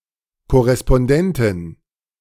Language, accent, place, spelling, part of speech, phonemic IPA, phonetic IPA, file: German, Germany, Berlin, Korrespondentin, noun, /kɔʁɛspɔnˈdɛntɪn/, [kʰɔʁɛspɔnˈdɛntʰɪn], De-Korrespondentin.ogg
- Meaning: correspondent (female) (of a news organisation)